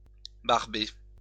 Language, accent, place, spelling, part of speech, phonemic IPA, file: French, France, Lyon, barber, verb, /baʁ.be/, LL-Q150 (fra)-barber.wav
- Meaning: to bore someone